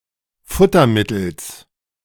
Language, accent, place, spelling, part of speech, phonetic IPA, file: German, Germany, Berlin, Futtermittels, noun, [ˈfʊtɐˌmɪtl̩s], De-Futtermittels.ogg
- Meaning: genitive singular of Futtermittel